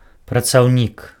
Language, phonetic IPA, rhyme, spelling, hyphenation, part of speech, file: Belarusian, [prat͡sau̯ˈnʲik], -ik, працаўнік, пра‧цаў‧нік, noun, Be-працаўнік.ogg
- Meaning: employee, worker